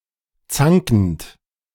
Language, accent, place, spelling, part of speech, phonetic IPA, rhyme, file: German, Germany, Berlin, zankend, verb, [ˈt͡saŋkn̩t], -aŋkn̩t, De-zankend.ogg
- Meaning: present participle of zanken